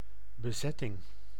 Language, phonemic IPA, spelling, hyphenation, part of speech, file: Dutch, /bəˈzɛtɪŋ/, bezetting, be‧zet‧ting, noun, Nl-bezetting.ogg
- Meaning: 1. occupation 2. casting, the division of roles in a performance